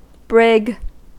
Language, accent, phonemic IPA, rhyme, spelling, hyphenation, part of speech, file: English, US, /bɹɪɡ/, -ɪɡ, brig, brig, noun / verb, En-us-brig.ogg
- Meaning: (noun) 1. A two-masted vessel, square-rigged on both foremast and mainmast 2. A jail or guardhouse, especially in a naval military prison or jail on a ship, navy base, or (in fiction) spacecraft